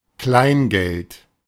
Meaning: small change, change (coins of little value)
- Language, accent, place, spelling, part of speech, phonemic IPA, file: German, Germany, Berlin, Kleingeld, noun, /ˈklaɪ̯nˌɡɛlt/, De-Kleingeld.ogg